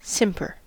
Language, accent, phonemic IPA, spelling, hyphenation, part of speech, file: English, US, /ˈsɪmpɚ/, simper, sim‧per, verb / noun, En-us-simper.ogg
- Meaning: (verb) 1. To smile in a foolish, frivolous, self-conscious, coy, obsequious, or smug manner 2. To glimmer; to twinkle; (noun) A foolish, frivolous, self-conscious, or affected smile; a smirk